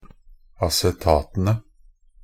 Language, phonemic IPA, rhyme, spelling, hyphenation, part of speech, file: Norwegian Bokmål, /asɛˈtɑːtənə/, -ənə, acetatene, a‧ce‧ta‧te‧ne, noun, Nb-acetatene.ogg
- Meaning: definite plural of acetat